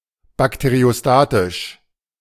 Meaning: bacteriostatic
- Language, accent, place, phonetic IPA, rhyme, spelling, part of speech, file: German, Germany, Berlin, [bakteʁioˈstaːtɪʃ], -aːtɪʃ, bakteriostatisch, adjective, De-bakteriostatisch.ogg